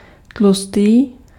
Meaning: 1. thick 2. fat
- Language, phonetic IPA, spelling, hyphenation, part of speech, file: Czech, [ˈtlustiː], tlustý, tlu‧s‧tý, adjective, Cs-tlustý.ogg